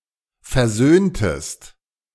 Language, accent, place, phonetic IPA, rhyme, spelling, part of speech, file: German, Germany, Berlin, [fɛɐ̯ˈzøːntəst], -øːntəst, versöhntest, verb, De-versöhntest.ogg
- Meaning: inflection of versöhnen: 1. second-person singular preterite 2. second-person singular subjunctive II